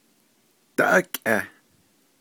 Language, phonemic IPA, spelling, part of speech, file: Navajo, /tɑ́ʔɑ́kʼɛ̀h/, dáʼákʼeh, noun, Nv-dáʼákʼeh.ogg
- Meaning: cornfield, field, farm